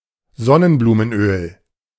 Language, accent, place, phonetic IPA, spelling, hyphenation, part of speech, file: German, Germany, Berlin, [ˈzɔnənbluːmənˌʔøːl], Sonnenblumenöl, Son‧nen‧blu‧men‧öl, noun, De-Sonnenblumenöl.ogg
- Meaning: sunflower oil